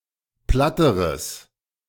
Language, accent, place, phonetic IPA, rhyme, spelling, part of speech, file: German, Germany, Berlin, [ˈplatəʁəs], -atəʁəs, platteres, adjective, De-platteres.ogg
- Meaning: strong/mixed nominative/accusative neuter singular comparative degree of platt